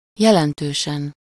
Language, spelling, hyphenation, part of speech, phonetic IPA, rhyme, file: Hungarian, jelentősen, je‧len‧tő‧sen, adverb, [ˈjɛlɛntøːʃɛn], -ɛn, Hu-jelentősen.ogg
- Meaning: greatly, remarkably, significantly